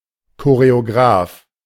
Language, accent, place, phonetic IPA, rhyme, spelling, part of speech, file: German, Germany, Berlin, [koʁeoˈɡʁaːf], -aːf, Choreograf, noun, De-Choreograf.ogg
- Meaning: choreographer